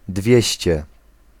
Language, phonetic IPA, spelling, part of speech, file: Polish, [ˈdvʲjɛ̇ɕt͡ɕɛ], dwieście, adjective, Pl-dwieście.ogg